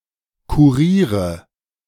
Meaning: nominative/accusative/genitive plural of Kurier
- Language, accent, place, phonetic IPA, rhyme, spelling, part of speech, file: German, Germany, Berlin, [kuˈʁiːʁə], -iːʁə, Kuriere, noun, De-Kuriere.ogg